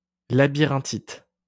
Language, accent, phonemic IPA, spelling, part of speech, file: French, France, /la.bi.ʁɛ̃.tit/, labyrinthite, noun, LL-Q150 (fra)-labyrinthite.wav
- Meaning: a form of otitis that causes dizziness and loss of balance